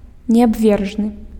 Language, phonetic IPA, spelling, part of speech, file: Belarusian, [nʲeabˈvʲerʐnɨ], неабвержны, adjective, Be-неабвержны.ogg
- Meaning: incontrovertible